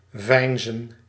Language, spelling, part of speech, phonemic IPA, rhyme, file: Dutch, veinzen, verb, /ˈvɛi̯n.zən/, -ɛi̯nzən, Nl-veinzen.ogg
- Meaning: to feign, pretend